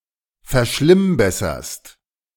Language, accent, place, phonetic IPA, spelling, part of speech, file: German, Germany, Berlin, [fɛɐ̯ˈʃlɪmˌbɛsɐst], verschlimmbesserst, verb, De-verschlimmbesserst.ogg
- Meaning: second-person singular present of verschlimmbessern